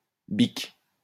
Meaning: 1. she-goat 2. female horse, mare 3. bat, bag, witch (old woman)
- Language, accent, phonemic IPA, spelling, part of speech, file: French, France, /bik/, bique, noun, LL-Q150 (fra)-bique.wav